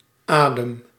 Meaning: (noun) breath; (verb) inflection of ademen: 1. first-person singular present indicative 2. second-person singular present indicative 3. imperative
- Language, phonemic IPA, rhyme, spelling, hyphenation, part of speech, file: Dutch, /ˈaːdəm/, -aːdəm, adem, adem, noun / verb, Nl-adem.ogg